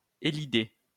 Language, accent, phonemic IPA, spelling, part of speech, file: French, France, /e.li.de/, élider, verb, LL-Q150 (fra)-élider.wav
- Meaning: to elide